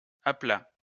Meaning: 1. a flat area 2. a tint area
- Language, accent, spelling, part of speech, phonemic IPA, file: French, France, aplat, noun, /a.pla/, LL-Q150 (fra)-aplat.wav